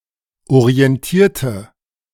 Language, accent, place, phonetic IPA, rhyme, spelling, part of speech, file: German, Germany, Berlin, [oʁiɛnˈtiːɐ̯tə], -iːɐ̯tə, orientierte, adjective / verb, De-orientierte.ogg
- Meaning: inflection of orientieren: 1. first/third-person singular preterite 2. first/third-person singular subjunctive II